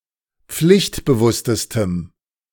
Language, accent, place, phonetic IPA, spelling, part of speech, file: German, Germany, Berlin, [ˈp͡flɪçtbəˌvʊstəstəm], pflichtbewusstestem, adjective, De-pflichtbewusstestem.ogg
- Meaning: strong dative masculine/neuter singular superlative degree of pflichtbewusst